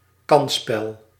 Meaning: 1. a game of chance, entirely depending on luck 2. a gamble, a risky business
- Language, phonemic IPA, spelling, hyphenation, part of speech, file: Dutch, /ˈkɑnspɛl/, kansspel, kans‧spel, noun, Nl-kansspel.ogg